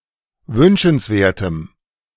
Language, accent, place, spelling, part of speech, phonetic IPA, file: German, Germany, Berlin, wünschenswertem, adjective, [ˈvʏnʃn̩sˌveːɐ̯təm], De-wünschenswertem.ogg
- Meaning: strong dative masculine/neuter singular of wünschenswert